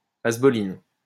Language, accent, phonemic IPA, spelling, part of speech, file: French, France, /az.bɔ.lin/, asboline, noun, LL-Q150 (fra)-asboline.wav
- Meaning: asbolin